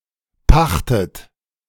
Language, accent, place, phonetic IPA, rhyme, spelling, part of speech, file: German, Germany, Berlin, [ˈpaxtət], -axtət, pachtet, verb, De-pachtet.ogg
- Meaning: inflection of pachten: 1. third-person singular present 2. second-person plural present 3. second-person plural subjunctive I 4. plural imperative